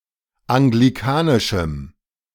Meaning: strong dative masculine/neuter singular of anglikanisch
- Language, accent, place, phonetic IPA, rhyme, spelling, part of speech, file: German, Germany, Berlin, [aŋɡliˈkaːnɪʃm̩], -aːnɪʃm̩, anglikanischem, adjective, De-anglikanischem.ogg